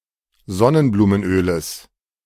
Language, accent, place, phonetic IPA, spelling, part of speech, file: German, Germany, Berlin, [ˈzɔnənbluːmənˌʔøːləs], Sonnenblumenöles, noun, De-Sonnenblumenöles.ogg
- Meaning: genitive of Sonnenblumenöl